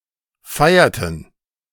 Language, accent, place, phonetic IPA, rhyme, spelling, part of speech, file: German, Germany, Berlin, [ˈfaɪ̯ɐtn̩], -aɪ̯ɐtn̩, feierten, verb, De-feierten.ogg
- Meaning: inflection of feiern: 1. first/third-person plural preterite 2. first/third-person plural subjunctive II